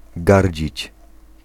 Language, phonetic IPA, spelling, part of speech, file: Polish, [ˈɡarʲd͡ʑit͡ɕ], gardzić, verb, Pl-gardzić.ogg